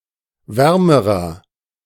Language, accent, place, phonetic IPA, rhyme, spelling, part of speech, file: German, Germany, Berlin, [ˈvɛʁməʁɐ], -ɛʁməʁɐ, wärmerer, adjective, De-wärmerer.ogg
- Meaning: inflection of warm: 1. strong/mixed nominative masculine singular comparative degree 2. strong genitive/dative feminine singular comparative degree 3. strong genitive plural comparative degree